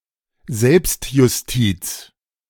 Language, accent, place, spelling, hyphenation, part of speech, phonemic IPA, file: German, Germany, Berlin, Selbstjustiz, Selbst‧jus‧tiz, noun, /ˈzɛlpstjʊsˌtiːt͡s/, De-Selbstjustiz.ogg
- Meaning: vigilantism